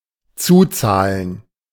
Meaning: to pay additionally, to copay
- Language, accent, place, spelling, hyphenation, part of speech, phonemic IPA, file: German, Germany, Berlin, zuzahlen, zu‧zah‧len, verb, /ˈt͡suːˌt͡saːlən/, De-zuzahlen.ogg